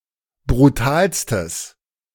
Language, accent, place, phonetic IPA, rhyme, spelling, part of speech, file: German, Germany, Berlin, [bʁuˈtaːlstəs], -aːlstəs, brutalstes, adjective, De-brutalstes.ogg
- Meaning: strong/mixed nominative/accusative neuter singular superlative degree of brutal